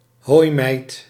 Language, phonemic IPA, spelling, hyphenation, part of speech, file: Dutch, /ˈɦoːi̯.mɛi̯t/, hooimijt, hooi‧mijt, noun, Nl-hooimijt.ogg
- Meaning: haystack (pile of hay)